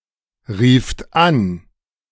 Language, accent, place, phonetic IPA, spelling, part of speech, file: German, Germany, Berlin, [ˌʁiːft ˈan], rieft an, verb, De-rieft an.ogg
- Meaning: second-person plural preterite of anrufen